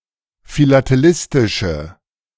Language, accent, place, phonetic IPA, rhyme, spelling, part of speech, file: German, Germany, Berlin, [filateˈlɪstɪʃə], -ɪstɪʃə, philatelistische, adjective, De-philatelistische.ogg
- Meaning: inflection of philatelistisch: 1. strong/mixed nominative/accusative feminine singular 2. strong nominative/accusative plural 3. weak nominative all-gender singular